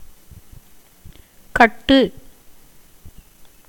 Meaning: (verb) 1. to tie, bind, fasten, shackle 2. to build, construct, fix, erect 3. to harden, condense, consolidate 4. to compose (as verses) 5. to establish (as a theory) 6. to hug, embrace
- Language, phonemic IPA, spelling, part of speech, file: Tamil, /kɐʈːɯ/, கட்டு, verb / noun, Ta-கட்டு.ogg